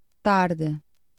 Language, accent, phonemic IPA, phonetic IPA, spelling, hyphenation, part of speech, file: Portuguese, Portugal, /ˈtaɾ.dɨ/, [ˈtaɾ.ðɨ], tarde, tar‧de, adverb / noun / verb, Pt tarde.ogg
- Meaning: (adverb) 1. late (near the end of a period of time) 2. late (specifically, near the end of the day) 3. late (not arriving until after an expected time); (noun) afternoon